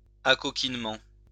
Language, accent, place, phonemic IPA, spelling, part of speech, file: French, France, Lyon, /a.kɔ.kin.mɑ̃/, acoquinement, noun, LL-Q150 (fra)-acoquinement.wav
- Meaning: familiarity